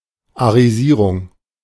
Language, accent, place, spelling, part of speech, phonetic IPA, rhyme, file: German, Germany, Berlin, Arisierung, noun, [aʁiˈziːʁʊŋ], -iːʁʊŋ, De-Arisierung.ogg
- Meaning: 1. Aryanization 2. The act of confiscating Jewish property and transferring its ownership to a German individual